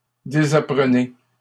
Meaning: inflection of désapprendre: 1. second-person plural present indicative 2. second-person plural imperative
- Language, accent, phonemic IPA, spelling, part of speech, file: French, Canada, /de.za.pʁə.ne/, désapprenez, verb, LL-Q150 (fra)-désapprenez.wav